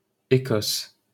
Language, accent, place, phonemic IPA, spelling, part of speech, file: French, France, Paris, /e.kɔs/, Écosse, proper noun, LL-Q150 (fra)-Écosse.wav
- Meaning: Scotland (a constituent country of the United Kingdom)